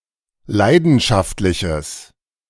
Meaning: strong/mixed nominative/accusative neuter singular of leidenschaftlich
- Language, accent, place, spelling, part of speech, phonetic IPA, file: German, Germany, Berlin, leidenschaftliches, adjective, [ˈlaɪ̯dn̩ʃaftlɪçəs], De-leidenschaftliches.ogg